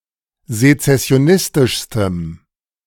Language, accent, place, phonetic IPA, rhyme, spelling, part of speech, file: German, Germany, Berlin, [zet͡sɛsi̯oˈnɪstɪʃstəm], -ɪstɪʃstəm, sezessionistischstem, adjective, De-sezessionistischstem.ogg
- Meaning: strong dative masculine/neuter singular superlative degree of sezessionistisch